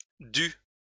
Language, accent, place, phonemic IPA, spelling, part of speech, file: French, France, Lyon, /dy/, dus, verb, LL-Q150 (fra)-dus.wav
- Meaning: 1. first/second-person singular past historic of devoir 2. masculine plural of dû